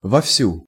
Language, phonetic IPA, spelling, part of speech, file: Russian, [vɐfˈsʲu], вовсю, adverb, Ru-вовсю.ogg
- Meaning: as much or strongly as one can, to one's utmost